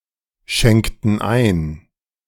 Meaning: inflection of einschenken: 1. first/third-person plural preterite 2. first/third-person plural subjunctive II
- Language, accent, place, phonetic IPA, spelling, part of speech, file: German, Germany, Berlin, [ˌʃɛŋktn̩ ˈaɪ̯n], schenkten ein, verb, De-schenkten ein.ogg